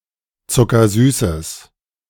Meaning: strong/mixed nominative/accusative neuter singular of zuckersüß
- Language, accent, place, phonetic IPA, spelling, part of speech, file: German, Germany, Berlin, [t͡sʊkɐˈzyːsəs], zuckersüßes, adjective, De-zuckersüßes.ogg